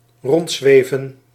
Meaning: to float around
- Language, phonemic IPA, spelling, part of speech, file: Dutch, /ˈrɔndzwevə(n)/, rondzweven, verb, Nl-rondzweven.ogg